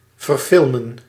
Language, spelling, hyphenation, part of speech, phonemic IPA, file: Dutch, verfilmen, ver‧fil‧men, verb, /vərˈfɪl.mə(n)/, Nl-verfilmen.ogg
- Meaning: 1. to make a film of, to turn into a movie 2. to store on microform